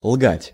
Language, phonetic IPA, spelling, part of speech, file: Russian, [ɫɡatʲ], лгать, verb, Ru-лгать.ogg
- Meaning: to lie, to tell lies